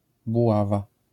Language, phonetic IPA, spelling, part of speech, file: Polish, [buˈwava], buława, noun, LL-Q809 (pol)-buława.wav